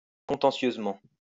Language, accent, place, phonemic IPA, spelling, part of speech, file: French, France, Lyon, /kɔ̃.tɑ̃.sjøz.mɑ̃/, contentieusement, adverb, LL-Q150 (fra)-contentieusement.wav
- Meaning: contentiously